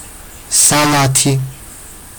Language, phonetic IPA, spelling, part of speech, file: Georgian, [säɫätʰi], სალათი, noun, Ka-salati.ogg
- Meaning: alternative form of სალათა (salata)